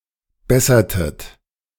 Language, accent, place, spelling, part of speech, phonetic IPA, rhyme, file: German, Germany, Berlin, bessertet, verb, [ˈbɛsɐtət], -ɛsɐtət, De-bessertet.ogg
- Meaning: inflection of bessern: 1. second-person plural preterite 2. second-person plural subjunctive II